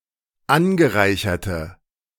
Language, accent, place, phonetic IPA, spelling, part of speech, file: German, Germany, Berlin, [ˈanɡəˌʁaɪ̯çɐtə], angereicherte, adjective, De-angereicherte.ogg
- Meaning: inflection of angereichert: 1. strong/mixed nominative/accusative feminine singular 2. strong nominative/accusative plural 3. weak nominative all-gender singular